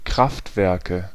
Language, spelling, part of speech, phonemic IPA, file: German, Kraftwerke, noun, /ˈkʁaftvɛʁkə/, De-Kraftwerke.ogg
- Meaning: nominative/accusative/genitive plural of Kraftwerk